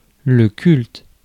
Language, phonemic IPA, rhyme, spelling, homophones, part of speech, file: French, /kylt/, -ylt, culte, cultes, noun / adjective, Fr-culte.ogg
- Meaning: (noun) 1. religion 2. cult (religious veneration given to a deity or saint); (adjective) 1. cult 2. iconic